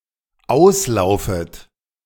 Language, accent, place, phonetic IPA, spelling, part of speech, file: German, Germany, Berlin, [ˈaʊ̯sˌlaʊ̯fət], auslaufet, verb, De-auslaufet.ogg
- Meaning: second-person plural dependent subjunctive I of auslaufen